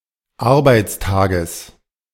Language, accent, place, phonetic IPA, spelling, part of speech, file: German, Germany, Berlin, [ˈaʁbaɪ̯t͡sˌtaːɡəs], Arbeitstages, noun, De-Arbeitstages.ogg
- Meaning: genitive singular of Arbeitstag